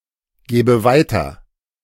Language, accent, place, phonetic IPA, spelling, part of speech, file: German, Germany, Berlin, [ˌɡeːbə ˈvaɪ̯tɐ], gebe weiter, verb, De-gebe weiter.ogg
- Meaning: inflection of weitergeben: 1. first-person singular present 2. first/third-person singular subjunctive I